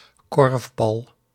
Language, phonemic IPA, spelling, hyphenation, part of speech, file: Dutch, /ˈkɔrf.bɑl/, korfbal, korf‧bal, noun, Nl-korfbal.ogg
- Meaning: 1. korfball (team ballgame in which one scores by throwing the ball into a basket) 2. a ball used in korfball